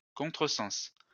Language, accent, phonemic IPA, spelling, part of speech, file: French, France, /kɔ̃.tʁə.sɑ̃s/, contresens, noun, LL-Q150 (fra)-contresens.wav
- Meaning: 1. backward interpretation 2. misinterpretation or mistranslation